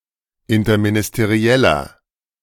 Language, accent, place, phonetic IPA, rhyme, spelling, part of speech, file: German, Germany, Berlin, [ɪntɐminɪsteˈʁi̯ɛlɐ], -ɛlɐ, interministerieller, adjective, De-interministerieller.ogg
- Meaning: inflection of interministeriell: 1. strong/mixed nominative masculine singular 2. strong genitive/dative feminine singular 3. strong genitive plural